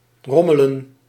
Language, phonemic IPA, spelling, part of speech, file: Dutch, /ˈrɔmələ(n)/, rommelen, verb, Nl-rommelen.ogg
- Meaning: 1. to rumble (make a rumbling sound) 2. to mess around, fiddle